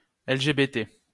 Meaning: LGBT; initialism of lesbiennes, gays, bisexuels, transgenres
- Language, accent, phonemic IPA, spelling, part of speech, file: French, France, /ɛl.ʒe.be.te/, LGBT, adjective, LL-Q150 (fra)-LGBT.wav